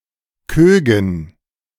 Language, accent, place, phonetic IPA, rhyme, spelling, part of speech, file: German, Germany, Berlin, [ˈkøːɡn̩], -øːɡn̩, Kögen, noun, De-Kögen.ogg
- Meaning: dative plural of Koog